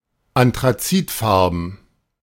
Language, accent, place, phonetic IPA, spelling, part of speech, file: German, Germany, Berlin, [antʁaˈt͡siːtˌfaʁbn̩], anthrazitfarben, adjective, De-anthrazitfarben.ogg
- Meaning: anthracite (in colour)